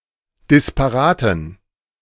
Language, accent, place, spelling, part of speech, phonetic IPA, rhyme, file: German, Germany, Berlin, disparaten, adjective, [dɪspaˈʁaːtn̩], -aːtn̩, De-disparaten.ogg
- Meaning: inflection of disparat: 1. strong genitive masculine/neuter singular 2. weak/mixed genitive/dative all-gender singular 3. strong/weak/mixed accusative masculine singular 4. strong dative plural